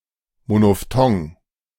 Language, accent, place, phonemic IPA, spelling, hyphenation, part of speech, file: German, Germany, Berlin, /monoˈftɔŋ/, Monophthong, Mo‧no‧ph‧thong, noun, De-Monophthong.ogg
- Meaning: monophthong